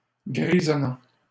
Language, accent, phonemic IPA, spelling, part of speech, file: French, Canada, /ɡʁi.zɔ.nɑ̃/, grisonnant, verb / adjective, LL-Q150 (fra)-grisonnant.wav
- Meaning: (verb) present participle of grisonner; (adjective) grey, greying, grizzled